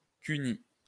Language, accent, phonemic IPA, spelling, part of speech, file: French, France, /ky.ni/, cunni, noun, LL-Q150 (fra)-cunni.wav
- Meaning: cunnilingus